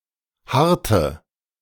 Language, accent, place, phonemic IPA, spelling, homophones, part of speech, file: German, Germany, Berlin, /ˈhartə/, harrte, harte, verb, De-harrte.ogg
- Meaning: inflection of harren: 1. first/third-person singular preterite 2. first/third-person singular subjunctive II